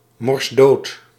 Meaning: stone dead; utterly dead
- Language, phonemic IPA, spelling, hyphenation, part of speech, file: Dutch, /mɔrsˈdoːt/, morsdood, mors‧dood, adjective, Nl-morsdood.ogg